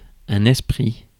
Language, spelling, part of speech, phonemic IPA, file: French, esprit, noun, /ɛs.pʁi/, Fr-esprit.ogg
- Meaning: 1. immaterial or incorporeal substance 2. disembodied mind; spirit 3. mind (in the wide sense) 4. mind (as principle of thought) 5. specific mind aptitude 6. high mind aptitude